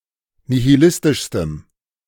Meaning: strong dative masculine/neuter singular superlative degree of nihilistisch
- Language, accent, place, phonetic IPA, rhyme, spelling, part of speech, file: German, Germany, Berlin, [nihiˈlɪstɪʃstəm], -ɪstɪʃstəm, nihilistischstem, adjective, De-nihilistischstem.ogg